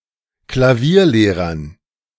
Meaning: dative plural of Klavierlehrer
- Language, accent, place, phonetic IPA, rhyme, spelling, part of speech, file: German, Germany, Berlin, [klaˈviːɐ̯ˌleːʁɐn], -iːɐ̯leːʁɐn, Klavierlehrern, noun, De-Klavierlehrern.ogg